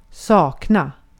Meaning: to miss, to lack, to want, to be without
- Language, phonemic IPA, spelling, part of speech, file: Swedish, /sɑːkna/, sakna, verb, Sv-sakna.ogg